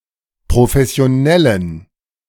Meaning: inflection of professionell: 1. strong genitive masculine/neuter singular 2. weak/mixed genitive/dative all-gender singular 3. strong/weak/mixed accusative masculine singular 4. strong dative plural
- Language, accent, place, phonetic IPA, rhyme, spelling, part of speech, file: German, Germany, Berlin, [pʁofɛsi̯oˈnɛlən], -ɛlən, professionellen, adjective, De-professionellen.ogg